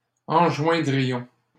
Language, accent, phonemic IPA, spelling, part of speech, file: French, Canada, /ɑ̃.ʒwɛ̃.dʁi.jɔ̃/, enjoindrions, verb, LL-Q150 (fra)-enjoindrions.wav
- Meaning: first-person plural conditional of enjoindre